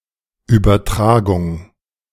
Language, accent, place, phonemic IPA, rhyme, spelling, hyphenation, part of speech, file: German, Germany, Berlin, /ˌyːbɐˈtʁaː.ɡʊŋ/, -aːɡʊŋ, Übertragung, Ü‧ber‧tra‧gung, noun, De-Übertragung.ogg
- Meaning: 1. transmission 2. transfer 3. translation